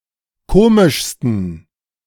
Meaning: 1. superlative degree of komisch 2. inflection of komisch: strong genitive masculine/neuter singular superlative degree
- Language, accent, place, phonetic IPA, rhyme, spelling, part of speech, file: German, Germany, Berlin, [ˈkoːmɪʃstn̩], -oːmɪʃstn̩, komischsten, adjective, De-komischsten.ogg